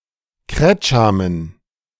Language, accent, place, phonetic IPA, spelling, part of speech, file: German, Germany, Berlin, [ˈkʁɛt͡ʃamən], Kretschamen, noun, De-Kretschamen.ogg
- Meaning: dative plural of Kretscham